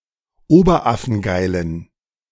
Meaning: inflection of oberaffengeil: 1. strong genitive masculine/neuter singular 2. weak/mixed genitive/dative all-gender singular 3. strong/weak/mixed accusative masculine singular 4. strong dative plural
- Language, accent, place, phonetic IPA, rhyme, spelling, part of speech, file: German, Germany, Berlin, [ˈoːbɐˈʔafn̩ˈɡaɪ̯lən], -aɪ̯lən, oberaffengeilen, adjective, De-oberaffengeilen.ogg